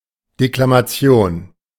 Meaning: declamation
- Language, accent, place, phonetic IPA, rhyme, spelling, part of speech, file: German, Germany, Berlin, [deklamaˈt͡si̯oːn], -oːn, Deklamation, noun, De-Deklamation.ogg